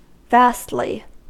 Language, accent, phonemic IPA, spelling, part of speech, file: English, US, /ˈvæstli/, vastly, adverb, En-us-vastly.ogg
- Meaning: Greatly, in a vast manner